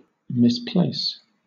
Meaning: 1. To put something somewhere and then forget its location; to mislay 2. To apply one's talents inappropriately 3. To put something in the wrong location
- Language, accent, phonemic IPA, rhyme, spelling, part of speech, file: English, Southern England, /mɪsˈpleɪs/, -eɪs, misplace, verb, LL-Q1860 (eng)-misplace.wav